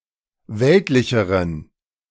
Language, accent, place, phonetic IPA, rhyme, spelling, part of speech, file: German, Germany, Berlin, [ˈvɛltlɪçəʁən], -ɛltlɪçəʁən, weltlicheren, adjective, De-weltlicheren.ogg
- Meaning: inflection of weltlich: 1. strong genitive masculine/neuter singular comparative degree 2. weak/mixed genitive/dative all-gender singular comparative degree